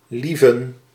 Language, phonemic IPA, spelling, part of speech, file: Dutch, /ˈliːvən/, Lieven, proper noun, Nl-Lieven.ogg
- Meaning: a male given name